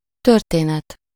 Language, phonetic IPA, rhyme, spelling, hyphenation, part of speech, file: Hungarian, [ˈtørteːnɛt], -ɛt, történet, tör‧té‧net, noun, Hu-történet.ogg
- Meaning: 1. story, tale (sequence of real or fictional events) 2. history (a record or narrative description, an aggregate of past events, especially that of a particular place, object, family, etc.)